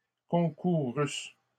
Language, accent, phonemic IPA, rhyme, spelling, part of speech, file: French, Canada, /kɔ̃.ku.ʁys/, -ys, concourussent, verb, LL-Q150 (fra)-concourussent.wav
- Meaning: third-person plural imperfect subjunctive of concourir